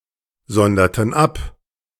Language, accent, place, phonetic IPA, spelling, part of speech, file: German, Germany, Berlin, [ˌzɔndɐtn̩ ˈap], sonderten ab, verb, De-sonderten ab.ogg
- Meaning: inflection of absondern: 1. first/third-person plural preterite 2. first/third-person plural subjunctive II